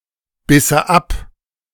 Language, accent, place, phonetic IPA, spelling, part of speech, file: German, Germany, Berlin, [ˌbɪsə ˈap], bisse ab, verb, De-bisse ab.ogg
- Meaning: first/third-person singular subjunctive II of abbeißen